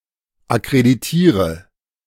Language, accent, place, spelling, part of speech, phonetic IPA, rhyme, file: German, Germany, Berlin, akkreditiere, verb, [akʁediˈtiːʁə], -iːʁə, De-akkreditiere.ogg
- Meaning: inflection of akkreditieren: 1. first-person singular present 2. singular imperative 3. first/third-person singular subjunctive I